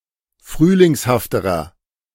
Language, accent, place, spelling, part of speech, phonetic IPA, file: German, Germany, Berlin, frühlingshafterer, adjective, [ˈfʁyːlɪŋshaftəʁɐ], De-frühlingshafterer.ogg
- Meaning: inflection of frühlingshaft: 1. strong/mixed nominative masculine singular comparative degree 2. strong genitive/dative feminine singular comparative degree